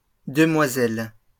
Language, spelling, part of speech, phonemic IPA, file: French, demoiselles, noun, /də.mwa.zɛl/, LL-Q150 (fra)-demoiselles.wav
- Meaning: 1. plural of demoiselle 2. plural of mademoiselle (as a title with a name)